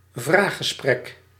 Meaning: media interview
- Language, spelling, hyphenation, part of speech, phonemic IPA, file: Dutch, vraaggesprek, vraag‧ge‧sprek, noun, /ˈvraxəˌsprɛk/, Nl-vraaggesprek.ogg